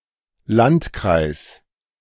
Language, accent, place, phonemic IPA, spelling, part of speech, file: German, Germany, Berlin, /ˈlantˌkʁaɪ̯s/, Landkreis, noun, De-Landkreis.ogg
- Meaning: 1. county (administrative region of various countries) 2. district (see Districts of Germany, which are called Landkreise in German)